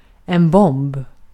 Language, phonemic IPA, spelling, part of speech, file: Swedish, /bɔmb/, bomb, noun, Sv-bomb.ogg
- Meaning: 1. a bomb 2. a bomb: a bombshell (also figuratively)